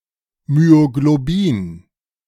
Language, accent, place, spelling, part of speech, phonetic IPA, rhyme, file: German, Germany, Berlin, Myoglobin, noun, [myoɡloˈbiːn], -iːn, De-Myoglobin.ogg
- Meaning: myoglobin